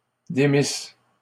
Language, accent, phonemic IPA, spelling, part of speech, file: French, Canada, /de.mis/, démisse, verb, LL-Q150 (fra)-démisse.wav
- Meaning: first-person singular imperfect subjunctive of démettre